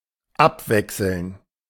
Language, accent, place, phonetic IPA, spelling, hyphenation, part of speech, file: German, Germany, Berlin, [ˈapˌvɛksl̩n], abwechseln, ab‧wech‧seln, verb, De-abwechseln.ogg
- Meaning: 1. to alternate 2. to take turns